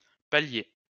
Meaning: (noun) 1. bearing 2. landing (on stairs) 3. flat area; the flat, the level 4. stage; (adjective) landing
- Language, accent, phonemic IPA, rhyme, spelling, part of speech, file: French, France, /pa.lje/, -je, palier, noun / adjective, LL-Q150 (fra)-palier.wav